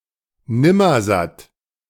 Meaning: 1. glutton 2. yellow-billed stork, Mycteria ibis
- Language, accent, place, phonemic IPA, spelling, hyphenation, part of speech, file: German, Germany, Berlin, /ˈnɪmɐzat/, Nimmersatt, Nim‧mer‧satt, noun, De-Nimmersatt.ogg